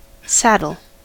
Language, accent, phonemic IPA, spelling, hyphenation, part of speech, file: English, General American, /ˈsæd(ə)l/, saddle, sad‧dle, noun / verb, En-us-saddle.ogg
- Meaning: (noun) A seat for a rider, typically made of leather and raised in the front and rear, placed on the back of a horse or other animal, and secured by a strap around the animal's body